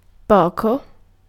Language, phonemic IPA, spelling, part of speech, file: Italian, /ˈpɔko/, poco, adjective / adverb / pronoun / noun, It-poco.ogg